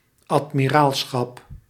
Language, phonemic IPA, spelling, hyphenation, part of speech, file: Dutch, /ɑt.miˈraːl.sxɑp/, admiraalschap, ad‧mi‧raal‧schap, noun, Nl-admiraalschap.ogg
- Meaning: 1. admiralship, admiralty 2. agreement to sail in convoy 3. such a maritime convoy